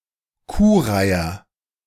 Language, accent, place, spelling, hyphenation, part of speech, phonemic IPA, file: German, Germany, Berlin, Kuhreiher, Kuh‧rei‧her, noun, /ˈkuːˌʁaɪ̯ɐ/, De-Kuhreiher.ogg
- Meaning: 1. Western cattle egret (bird of the species Bubulcus ibis) 2. cattle egret (bird in the genus Bubulcus)